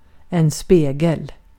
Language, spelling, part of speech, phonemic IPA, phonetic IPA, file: Swedish, spegel, noun, /ˈspeːˌɡɛl/, [ˈs̪peə̯ˌɡɛl̪], Sv-spegel.ogg
- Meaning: 1. a mirror; a smooth reflecting surface 2. something flat and smooth, resembling a mirror (e.g. the surface of a lake) 3. a mirror (something that reflects something)